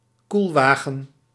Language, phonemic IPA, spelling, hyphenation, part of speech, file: Dutch, /ˈkulˌʋaː.ɣə(n)/, koelwagen, koel‧wa‧gen, noun, Nl-koelwagen.ogg
- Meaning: a refrigerated truck, van or wagon, a refrigerated road vehicle or rail car